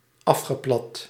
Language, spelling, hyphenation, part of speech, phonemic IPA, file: Dutch, afgeplat, af‧ge‧plat, adjective / verb, /ˈɑf.xəˌplɑt/, Nl-afgeplat.ogg
- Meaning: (adjective) flattened; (verb) past participle of afplatten